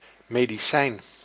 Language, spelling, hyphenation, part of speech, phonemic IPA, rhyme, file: Dutch, medicijn, me‧di‧cijn, noun, /meː.diˈsɛi̯n/, -ɛi̯n, Nl-medicijn.ogg
- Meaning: medicine, cure, medication (substance)